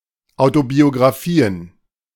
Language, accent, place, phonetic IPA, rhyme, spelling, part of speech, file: German, Germany, Berlin, [aʊ̯tobioɡʁaˈfiːən], -iːən, Autobiografien, noun, De-Autobiografien.ogg
- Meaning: plural of Autobiografie